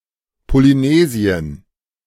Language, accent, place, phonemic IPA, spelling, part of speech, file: German, Germany, Berlin, /poliˈneːzi̯ən/, Polynesien, proper noun, De-Polynesien.ogg
- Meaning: Polynesia (a continental region of Oceania, including Easter Island, Hawaii, New Zealand, and most of the islands between them)